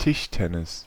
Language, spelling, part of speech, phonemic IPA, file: German, Tischtennis, noun, /tɪʃtɛnɪs/, De-Tischtennis.ogg
- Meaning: table tennis, ping pong